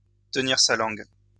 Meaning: to hold one's tongue, to keep quiet
- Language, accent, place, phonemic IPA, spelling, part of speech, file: French, France, Lyon, /tə.niʁ sa lɑ̃ɡ/, tenir sa langue, verb, LL-Q150 (fra)-tenir sa langue.wav